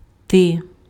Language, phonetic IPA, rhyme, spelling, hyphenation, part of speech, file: Ukrainian, [tɪ], -ɪ, ти, ти, pronoun, Uk-ти.ogg
- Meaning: you (singular); thou